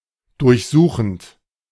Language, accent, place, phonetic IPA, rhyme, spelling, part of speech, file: German, Germany, Berlin, [dʊʁçˈzuːxn̩t], -uːxn̩t, durchsuchend, verb, De-durchsuchend.ogg
- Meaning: present participle of durchsuchen